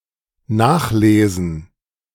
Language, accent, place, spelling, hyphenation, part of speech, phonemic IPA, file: German, Germany, Berlin, nachlesen, nach‧le‧sen, verb, /ˈnaxˌleːzən/, De-nachlesen.ogg
- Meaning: 1. to look up 2. to proofread 3. to glean (to collect what is left behind after the main harvest)